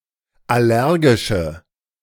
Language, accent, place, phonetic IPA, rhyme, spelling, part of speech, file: German, Germany, Berlin, [ˌaˈlɛʁɡɪʃə], -ɛʁɡɪʃə, allergische, adjective, De-allergische.ogg
- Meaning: inflection of allergisch: 1. strong/mixed nominative/accusative feminine singular 2. strong nominative/accusative plural 3. weak nominative all-gender singular